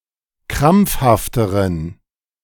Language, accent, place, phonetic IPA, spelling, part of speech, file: German, Germany, Berlin, [ˈkʁamp͡fhaftəʁən], krampfhafteren, adjective, De-krampfhafteren.ogg
- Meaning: inflection of krampfhaft: 1. strong genitive masculine/neuter singular comparative degree 2. weak/mixed genitive/dative all-gender singular comparative degree